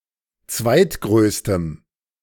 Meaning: strong dative masculine/neuter singular of zweitgrößter
- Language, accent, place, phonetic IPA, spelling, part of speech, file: German, Germany, Berlin, [ˈt͡svaɪ̯tˌɡʁøːstəm], zweitgrößtem, adjective, De-zweitgrößtem.ogg